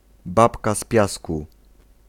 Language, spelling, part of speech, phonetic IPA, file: Polish, babka z piasku, noun, [ˈbapka ˈs‿pʲjasku], Pl-babka z piasku.ogg